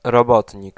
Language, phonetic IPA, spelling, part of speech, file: Polish, [rɔˈbɔtʲɲik], robotnik, noun, Pl-robotnik.ogg